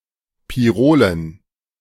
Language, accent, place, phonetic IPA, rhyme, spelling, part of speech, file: German, Germany, Berlin, [piˈʁoːlən], -oːlən, Pirolen, noun, De-Pirolen.ogg
- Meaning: dative plural of Pirol